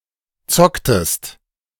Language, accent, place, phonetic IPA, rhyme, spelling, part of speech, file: German, Germany, Berlin, [ˈt͡sɔktəst], -ɔktəst, zocktest, verb, De-zocktest.ogg
- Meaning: inflection of zocken: 1. second-person singular preterite 2. second-person singular subjunctive II